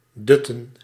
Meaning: to doze, to nap, to sleep lightly
- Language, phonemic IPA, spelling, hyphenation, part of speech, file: Dutch, /ˈdʏ.tə(n)/, dutten, dut‧ten, verb, Nl-dutten.ogg